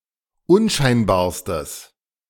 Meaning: strong/mixed nominative/accusative neuter singular superlative degree of unscheinbar
- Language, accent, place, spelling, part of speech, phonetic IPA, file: German, Germany, Berlin, unscheinbarstes, adjective, [ˈʊnˌʃaɪ̯nbaːɐ̯stəs], De-unscheinbarstes.ogg